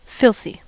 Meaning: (adjective) 1. Covered with filth; very dirty 2. Obscene or offensive 3. Very unpleasant or disagreeable 4. Angry; upset; severely annoyed; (verb) To make very dirty; to saturate something with dirt
- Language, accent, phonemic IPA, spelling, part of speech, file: English, US, /ˈfɪlθi/, filthy, adjective / verb, En-us-filthy.ogg